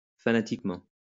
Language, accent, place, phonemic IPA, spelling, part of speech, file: French, France, Lyon, /fa.na.tik.mɑ̃/, fanatiquement, adverb, LL-Q150 (fra)-fanatiquement.wav
- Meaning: fanatically